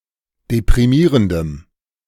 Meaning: strong dative masculine/neuter singular of deprimierend
- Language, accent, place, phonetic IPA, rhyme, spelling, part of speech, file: German, Germany, Berlin, [depʁiˈmiːʁəndəm], -iːʁəndəm, deprimierendem, adjective, De-deprimierendem.ogg